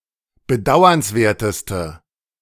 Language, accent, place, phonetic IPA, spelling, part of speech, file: German, Germany, Berlin, [bəˈdaʊ̯ɐnsˌveːɐ̯təstə], bedauernswerteste, adjective, De-bedauernswerteste.ogg
- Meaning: inflection of bedauernswert: 1. strong/mixed nominative/accusative feminine singular superlative degree 2. strong nominative/accusative plural superlative degree